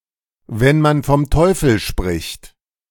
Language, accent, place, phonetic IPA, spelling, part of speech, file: German, Germany, Berlin, [vɛn man fɔm ˈtɔɪ̯fl̩ ʃpʁɪçt], wenn man vom Teufel spricht, phrase, De-wenn man vom Teufel spricht.ogg
- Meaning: speak of the devil